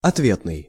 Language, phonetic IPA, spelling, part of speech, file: Russian, [ɐtˈvʲetnɨj], ответный, adjective, Ru-ответный.ogg
- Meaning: reciprocal, in return, in answer